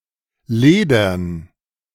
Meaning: dative plural of Leder
- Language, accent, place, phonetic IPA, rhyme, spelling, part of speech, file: German, Germany, Berlin, [ˈleːdɐn], -eːdɐn, Ledern, noun, De-Ledern.ogg